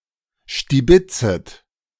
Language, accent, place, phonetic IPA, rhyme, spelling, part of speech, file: German, Germany, Berlin, [ʃtiˈbɪt͡sət], -ɪt͡sət, stibitzet, verb, De-stibitzet.ogg
- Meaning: second-person plural subjunctive I of stibitzen